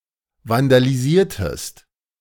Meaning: inflection of vandalisieren: 1. second-person singular preterite 2. second-person singular subjunctive II
- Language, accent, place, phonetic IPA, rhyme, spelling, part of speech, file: German, Germany, Berlin, [vandaliˈziːɐ̯təst], -iːɐ̯təst, vandalisiertest, verb, De-vandalisiertest.ogg